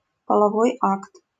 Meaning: sexual intercourse (sexual interaction)
- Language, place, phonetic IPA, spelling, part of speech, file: Russian, Saint Petersburg, [pəɫɐˈvoj ˈakt], половой акт, noun, LL-Q7737 (rus)-половой акт.wav